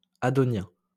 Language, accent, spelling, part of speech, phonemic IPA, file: French, France, adonien, adjective, /a.dɔ.njɛ̃/, LL-Q150 (fra)-adonien.wav
- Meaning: Adonic